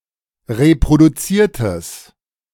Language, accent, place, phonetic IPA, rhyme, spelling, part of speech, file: German, Germany, Berlin, [ʁepʁoduˈt͡siːɐ̯təs], -iːɐ̯təs, reproduziertes, adjective, De-reproduziertes.ogg
- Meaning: strong/mixed nominative/accusative neuter singular of reproduziert